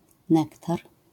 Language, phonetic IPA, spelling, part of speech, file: Polish, [ˈnɛktar], nektar, noun, LL-Q809 (pol)-nektar.wav